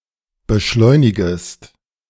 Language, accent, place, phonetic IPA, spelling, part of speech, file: German, Germany, Berlin, [bəˈʃlɔɪ̯nɪɡəst], beschleunigest, verb, De-beschleunigest.ogg
- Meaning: second-person singular subjunctive I of beschleunigen